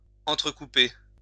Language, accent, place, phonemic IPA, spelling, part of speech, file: French, France, Lyon, /ɑ̃.tʁə.ku.pe/, entrecouper, verb, LL-Q150 (fra)-entrecouper.wav
- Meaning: 1. to interrupt; to intersperse; to scatter with 2. to intersect, to cross one another